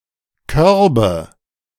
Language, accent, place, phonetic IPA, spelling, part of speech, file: German, Germany, Berlin, [ˈkœʁbə], Körbe, noun, De-Körbe.ogg
- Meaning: nominative/accusative/genitive plural of Korb